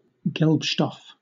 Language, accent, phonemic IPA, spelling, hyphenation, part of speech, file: English, Southern England, /ˈɡɛlpʃtɔf/, gelbstoff, gelb‧stoff, noun, LL-Q1860 (eng)-gelbstoff.wav